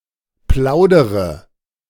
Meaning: inflection of plaudern: 1. first-person singular present 2. first/third-person singular subjunctive I 3. singular imperative
- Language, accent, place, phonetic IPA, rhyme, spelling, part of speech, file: German, Germany, Berlin, [ˈplaʊ̯dəʁə], -aʊ̯dəʁə, plaudere, verb, De-plaudere.ogg